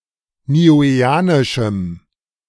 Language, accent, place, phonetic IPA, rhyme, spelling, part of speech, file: German, Germany, Berlin, [niːˌuːeːˈaːnɪʃm̩], -aːnɪʃm̩, niueanischem, adjective, De-niueanischem.ogg
- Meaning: strong dative masculine/neuter singular of niueanisch